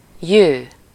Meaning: alternative form of jön, to come
- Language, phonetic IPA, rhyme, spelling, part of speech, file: Hungarian, [ˈjøː], -jøː, jő, verb, Hu-jő.ogg